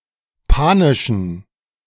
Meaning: inflection of panisch: 1. strong genitive masculine/neuter singular 2. weak/mixed genitive/dative all-gender singular 3. strong/weak/mixed accusative masculine singular 4. strong dative plural
- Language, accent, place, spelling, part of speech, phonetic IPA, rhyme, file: German, Germany, Berlin, panischen, adjective, [ˈpaːnɪʃn̩], -aːnɪʃn̩, De-panischen.ogg